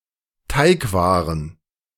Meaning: plural of Teigware
- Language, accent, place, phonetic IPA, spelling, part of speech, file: German, Germany, Berlin, [ˈtaɪ̯kˌvaːʁən], Teigwaren, noun, De-Teigwaren.ogg